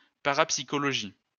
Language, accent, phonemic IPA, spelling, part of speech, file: French, France, /pa.ʁap.si.kɔ.lɔ.ʒi/, parapsychologie, noun, LL-Q150 (fra)-parapsychologie.wav
- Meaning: parapsychology (study of that which cannot yet be explained)